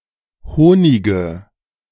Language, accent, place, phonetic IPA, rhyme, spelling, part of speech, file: German, Germany, Berlin, [ˈhoːnɪɡə], -oːnɪɡə, Honige, noun, De-Honige.ogg
- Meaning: nominative/accusative/genitive plural of Honig